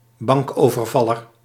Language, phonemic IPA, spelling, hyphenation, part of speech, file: Dutch, /ˈbɑŋk.oː.vərˌvɑ.lər/, bankovervaller, bank‧over‧val‧ler, noun, Nl-bankovervaller.ogg
- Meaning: bank robber